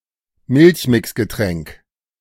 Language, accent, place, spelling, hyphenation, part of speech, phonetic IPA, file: German, Germany, Berlin, Milchmixgetränk, Milch‧mix‧ge‧tränk, noun, [ˈmɪlçmɪksɡəˌtʁɛŋk], De-Milchmixgetränk.ogg
- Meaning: milkshake